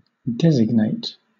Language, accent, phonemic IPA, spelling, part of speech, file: English, Southern England, /ˈdɛz.ɪɡ.neɪt/, designate, adjective / verb, LL-Q1860 (eng)-designate.wav
- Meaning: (adjective) 1. Designated; appointed; chosen 2. Used after a role title to indicate that the person has been selected but has yet to take up the role